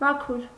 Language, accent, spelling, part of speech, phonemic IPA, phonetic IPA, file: Armenian, Eastern Armenian, մաքուր, adjective, /mɑˈkʰuɾ/, [mɑkʰúɾ], Hy-մաքուր.ogg
- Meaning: clean; pure; genuine